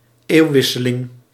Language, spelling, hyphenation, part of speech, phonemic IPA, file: Dutch, eeuwwisseling, eeuw‧wis‧se‧ling, noun, /ˈeːu̯ˌʋɪ.sə.lɪŋ/, Nl-eeuwwisseling.ogg
- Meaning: turn of the century